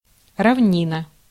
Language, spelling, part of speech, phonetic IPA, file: Russian, равнина, noun, [rɐvˈnʲinə], Ru-равнина.ogg
- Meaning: plain (an expanse of land with relatively low relief)